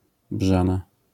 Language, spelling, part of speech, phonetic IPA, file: Polish, brzana, noun, [ˈbʒãna], LL-Q809 (pol)-brzana.wav